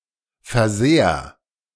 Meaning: 1. singular imperative of versehren 2. first-person singular present of versehren
- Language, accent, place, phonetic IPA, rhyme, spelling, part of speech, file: German, Germany, Berlin, [fɛɐ̯ˈzeːɐ̯], -eːɐ̯, versehr, verb, De-versehr.ogg